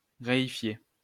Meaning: to reify
- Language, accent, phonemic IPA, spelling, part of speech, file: French, France, /ʁe.i.fje/, réifier, verb, LL-Q150 (fra)-réifier.wav